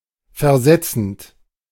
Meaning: present participle of versetzen
- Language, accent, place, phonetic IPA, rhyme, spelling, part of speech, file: German, Germany, Berlin, [fɛɐ̯ˈzɛt͡sn̩t], -ɛt͡sn̩t, versetzend, verb, De-versetzend.ogg